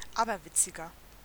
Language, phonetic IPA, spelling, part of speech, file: German, [ˈaːbɐˌvɪt͡sɪɡɐ], aberwitziger, adjective, De-aberwitziger.ogg
- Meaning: 1. comparative degree of aberwitzig 2. inflection of aberwitzig: strong/mixed nominative masculine singular 3. inflection of aberwitzig: strong genitive/dative feminine singular